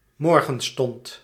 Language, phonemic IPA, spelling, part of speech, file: Dutch, /ˈmɔrɣə(n)ˌstɔnt/, morgenstond, noun, Nl-morgenstond.ogg
- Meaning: the break of day